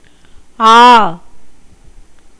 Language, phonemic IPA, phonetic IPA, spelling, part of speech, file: Tamil, /ɑː/, [äː], ஆ, character / verb / interjection / noun / determiner / particle, Ta-ஆ.ogg
- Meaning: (character) The second vowel of Tamil, written in the Tamil script; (verb) 1. to be 2. to become 3. to be created, to come into existence 4. to happen, occur